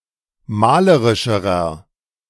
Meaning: inflection of malerisch: 1. strong/mixed nominative masculine singular comparative degree 2. strong genitive/dative feminine singular comparative degree 3. strong genitive plural comparative degree
- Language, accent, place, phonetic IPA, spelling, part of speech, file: German, Germany, Berlin, [ˈmaːləʁɪʃəʁɐ], malerischerer, adjective, De-malerischerer.ogg